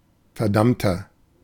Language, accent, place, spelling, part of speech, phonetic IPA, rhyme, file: German, Germany, Berlin, verdammter, adjective, [fɛɐ̯ˈdamtɐ], -amtɐ, De-verdammter.ogg
- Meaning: inflection of verdammt: 1. strong/mixed nominative masculine singular 2. strong genitive/dative feminine singular 3. strong genitive plural